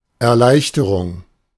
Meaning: 1. relief 2. ease, easing 3. alleviation 4. facilitation, facilitating
- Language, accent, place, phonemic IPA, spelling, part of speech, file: German, Germany, Berlin, /ɛɐ̯ˈlaɪ̯çtəʁʊŋ/, Erleichterung, noun, De-Erleichterung.ogg